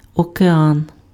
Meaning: ocean (one of the five large bodies of water)
- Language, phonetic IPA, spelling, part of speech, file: Ukrainian, [ɔkeˈan], океан, noun, Uk-океан.ogg